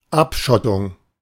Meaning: 1. partition, bulkhead 2. seclusion (of a person, a group, etc.) 3. compartmentalisation (of a market) 4. isolation (of oneself, the desired result of isolationism)
- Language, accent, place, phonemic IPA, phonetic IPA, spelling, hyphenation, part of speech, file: German, Germany, Berlin, /ˈapˌʃɔtʊŋ/, [ˈʔapˌʃɔtʰʊŋ], Abschottung, Ab‧schot‧tung, noun, De-Abschottung.ogg